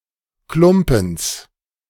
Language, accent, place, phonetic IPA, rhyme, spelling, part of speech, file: German, Germany, Berlin, [ˈklʊmpn̩s], -ʊmpn̩s, Klumpens, noun, De-Klumpens.ogg
- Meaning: genitive singular of Klumpen